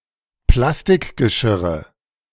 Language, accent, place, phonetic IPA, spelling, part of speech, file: German, Germany, Berlin, [ˈplastɪkɡəˌʃɪʁə], Plastikgeschirre, noun, De-Plastikgeschirre.ogg
- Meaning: nominative/accusative/genitive plural of Plastikgeschirr